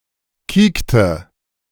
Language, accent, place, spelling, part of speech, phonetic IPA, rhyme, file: German, Germany, Berlin, kiekte, verb, [ˈkiːktə], -iːktə, De-kiekte.ogg
- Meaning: inflection of kieken: 1. first/third-person singular preterite 2. first/third-person singular subjunctive II